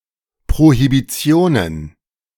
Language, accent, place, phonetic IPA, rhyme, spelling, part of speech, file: German, Germany, Berlin, [pʁohibiˈt͡si̯oːnən], -oːnən, Prohibitionen, noun, De-Prohibitionen.ogg
- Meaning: plural of Prohibition